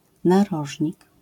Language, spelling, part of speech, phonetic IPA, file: Polish, narożnik, noun, [naˈrɔʒʲɲik], LL-Q809 (pol)-narożnik.wav